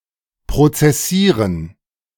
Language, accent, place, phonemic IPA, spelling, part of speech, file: German, Germany, Berlin, /pʁotsɛˈsiːʁən/, prozessieren, verb, De-prozessieren.ogg
- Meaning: to litigate (to go to law)